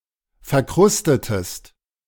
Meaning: inflection of verkrusten: 1. second-person singular preterite 2. second-person singular subjunctive II
- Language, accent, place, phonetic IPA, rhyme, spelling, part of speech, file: German, Germany, Berlin, [fɛɐ̯ˈkʁʊstətəst], -ʊstətəst, verkrustetest, verb, De-verkrustetest.ogg